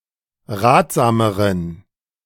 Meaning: inflection of ratsam: 1. strong genitive masculine/neuter singular comparative degree 2. weak/mixed genitive/dative all-gender singular comparative degree
- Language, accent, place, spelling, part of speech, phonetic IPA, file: German, Germany, Berlin, ratsameren, adjective, [ˈʁaːtz̥aːməʁən], De-ratsameren.ogg